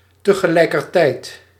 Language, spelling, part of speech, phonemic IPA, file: Dutch, tegelijkertijd, adverb, /təɣəˌlɛikərˈtɛit/, Nl-tegelijkertijd.ogg
- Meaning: simultaneously, at the same time